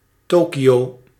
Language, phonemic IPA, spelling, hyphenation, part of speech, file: Dutch, /ˈtoːkiˌ(j)oː/, Tokio, To‧ki‧o, proper noun, Nl-Tokio.ogg
- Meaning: Tokyo (a prefecture, the capital and largest city of Japan)